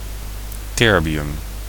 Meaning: terbium
- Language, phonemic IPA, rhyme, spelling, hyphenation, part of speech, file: Dutch, /ˈtɛr.biˌʏm/, -ɛrbiʏm, terbium, ter‧bi‧um, noun, Nl-terbium.ogg